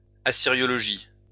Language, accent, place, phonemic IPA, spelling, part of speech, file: French, France, Lyon, /a.si.ʁjɔ.lɔ.ʒi/, assyriologie, noun, LL-Q150 (fra)-assyriologie.wav
- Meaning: Assyriology